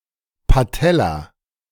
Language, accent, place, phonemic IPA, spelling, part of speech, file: German, Germany, Berlin, /paˈtɛla/, Patella, noun, De-Patella.ogg
- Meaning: kneecap, kneepan